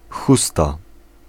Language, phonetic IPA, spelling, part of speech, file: Polish, [ˈxusta], chusta, noun, Pl-chusta.ogg